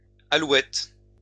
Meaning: plural of alouette
- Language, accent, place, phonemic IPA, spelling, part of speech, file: French, France, Lyon, /a.lwɛt/, alouettes, noun, LL-Q150 (fra)-alouettes.wav